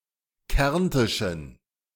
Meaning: inflection of kärntisch: 1. strong genitive masculine/neuter singular 2. weak/mixed genitive/dative all-gender singular 3. strong/weak/mixed accusative masculine singular 4. strong dative plural
- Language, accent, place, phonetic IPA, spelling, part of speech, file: German, Germany, Berlin, [ˈkɛʁntɪʃn̩], kärntischen, adjective, De-kärntischen.ogg